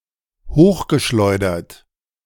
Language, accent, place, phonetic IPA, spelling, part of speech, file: German, Germany, Berlin, [ˈhoːxɡəˌʃlɔɪ̯dɐt], hochgeschleudert, verb, De-hochgeschleudert.ogg
- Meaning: past participle of hochschleudern